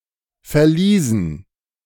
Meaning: dative plural of Verlies
- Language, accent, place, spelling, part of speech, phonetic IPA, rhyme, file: German, Germany, Berlin, Verliesen, noun, [fɛɐ̯ˈliːzn̩], -iːzn̩, De-Verliesen.ogg